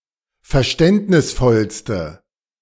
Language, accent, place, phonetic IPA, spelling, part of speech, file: German, Germany, Berlin, [fɛɐ̯ˈʃtɛntnɪsˌfɔlstə], verständnisvollste, adjective, De-verständnisvollste.ogg
- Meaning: inflection of verständnisvoll: 1. strong/mixed nominative/accusative feminine singular superlative degree 2. strong nominative/accusative plural superlative degree